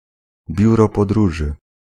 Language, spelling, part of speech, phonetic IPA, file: Polish, biuro podróży, noun, [ˈbʲjurɔ pɔdˈruʒɨ], Pl-biuro podróży.ogg